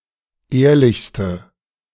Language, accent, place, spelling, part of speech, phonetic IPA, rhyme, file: German, Germany, Berlin, ehrlichste, adjective, [ˈeːɐ̯lɪçstə], -eːɐ̯lɪçstə, De-ehrlichste.ogg
- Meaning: inflection of ehrlich: 1. strong/mixed nominative/accusative feminine singular superlative degree 2. strong nominative/accusative plural superlative degree